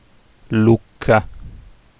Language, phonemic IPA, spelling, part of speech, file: Italian, /ˈluk.ka/, Lucca, proper noun, It-Lucca.ogg